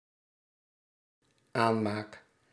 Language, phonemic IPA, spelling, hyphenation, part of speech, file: Dutch, /ˈaː(n).maːk/, aanmaak, aan‧maak, noun / verb, Nl-aanmaak.ogg
- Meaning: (noun) creation, production; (verb) first-person singular dependent-clause present indicative of aanmaken